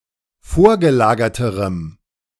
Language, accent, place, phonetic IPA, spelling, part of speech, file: German, Germany, Berlin, [ˈfoːɐ̯ɡəˌlaːɡɐtəʁəm], vorgelagerterem, adjective, De-vorgelagerterem.ogg
- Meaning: strong dative masculine/neuter singular comparative degree of vorgelagert